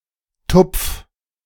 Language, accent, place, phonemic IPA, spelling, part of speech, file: German, Germany, Berlin, /tʊpf/, Tupf, noun, De-Tupf.ogg
- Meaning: Southern Germany, Austria, and Switzerland form of Tupfen